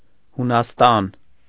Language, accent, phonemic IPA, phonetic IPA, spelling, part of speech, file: Armenian, Eastern Armenian, /hunɑsˈtɑn/, [hunɑstɑ́n], Հունաստան, proper noun, Hy-Հունաստան.ogg
- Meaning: Greece (a country in Southeastern Europe)